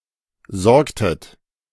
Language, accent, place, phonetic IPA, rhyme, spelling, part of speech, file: German, Germany, Berlin, [ˈzɔʁktət], -ɔʁktət, sorgtet, verb, De-sorgtet.ogg
- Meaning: inflection of sorgen: 1. second-person plural preterite 2. second-person plural subjunctive II